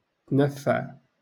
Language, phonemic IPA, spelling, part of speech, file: Moroccan Arabic, /tnaf.faʕ/, تنفع, verb, LL-Q56426 (ary)-تنفع.wav
- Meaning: to enjoy